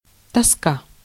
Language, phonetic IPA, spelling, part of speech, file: Russian, [tɐˈska], тоска, noun, Ru-тоска.ogg
- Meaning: 1. melancholy, depression 2. boredom, ennui, weariness 3. longing, yearning